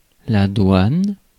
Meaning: 1. customs (an authority responsible for controlling the flow of goods to and from a country) 2. customs office
- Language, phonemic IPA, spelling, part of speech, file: French, /dwan/, douane, noun, Fr-douane.ogg